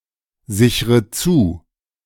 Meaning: inflection of zusichern: 1. first-person singular present 2. first/third-person singular subjunctive I 3. singular imperative
- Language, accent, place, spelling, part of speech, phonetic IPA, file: German, Germany, Berlin, sichre zu, verb, [ˌzɪçʁə ˈt͡suː], De-sichre zu.ogg